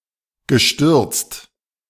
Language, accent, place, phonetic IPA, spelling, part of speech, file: German, Germany, Berlin, [ɡəˈʃtʏʁt͡st], gestürzt, verb, De-gestürzt.ogg
- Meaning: past participle of stürzen (“overturned”)